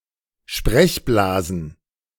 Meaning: plural of Sprechblase
- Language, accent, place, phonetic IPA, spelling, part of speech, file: German, Germany, Berlin, [ˈʃpʁɛçˌblaːzn̩], Sprechblasen, noun, De-Sprechblasen.ogg